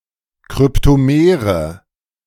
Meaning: inflection of kryptomer: 1. strong/mixed nominative/accusative feminine singular 2. strong nominative/accusative plural 3. weak nominative all-gender singular
- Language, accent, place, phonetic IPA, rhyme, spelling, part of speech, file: German, Germany, Berlin, [kʁʏptoˈmeːʁə], -eːʁə, kryptomere, adjective, De-kryptomere.ogg